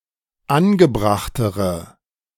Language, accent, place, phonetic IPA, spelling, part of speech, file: German, Germany, Berlin, [ˈanɡəˌbʁaxtəʁə], angebrachtere, adjective, De-angebrachtere.ogg
- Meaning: inflection of angebracht: 1. strong/mixed nominative/accusative feminine singular comparative degree 2. strong nominative/accusative plural comparative degree